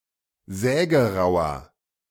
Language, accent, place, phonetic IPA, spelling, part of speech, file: German, Germany, Berlin, [ˈzɛːɡəˌʁaʊ̯ɐ], sägerauer, adjective, De-sägerauer.ogg
- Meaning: 1. comparative degree of sägerau 2. inflection of sägerau: strong/mixed nominative masculine singular 3. inflection of sägerau: strong genitive/dative feminine singular